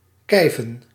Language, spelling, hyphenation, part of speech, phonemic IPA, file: Dutch, kijven, kij‧ven, verb, /ˈkɛi̯.və(n)/, Nl-kijven.ogg
- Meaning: 1. to altercate, to dispute, to wrangle 2. to scold, to chide